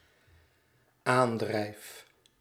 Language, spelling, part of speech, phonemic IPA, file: Dutch, aandrijf, verb, /ˈandrɛif/, Nl-aandrijf.ogg
- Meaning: first-person singular dependent-clause present indicative of aandrijven